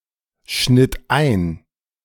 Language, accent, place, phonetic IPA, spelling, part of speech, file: German, Germany, Berlin, [ˌʃnɪt ˈaɪ̯n], schnitt ein, verb, De-schnitt ein.ogg
- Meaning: first/third-person singular preterite of einschneiden